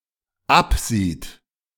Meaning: third-person singular dependent present of absehen
- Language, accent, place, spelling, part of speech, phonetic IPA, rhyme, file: German, Germany, Berlin, absieht, verb, [ˈapˌziːt], -apziːt, De-absieht.ogg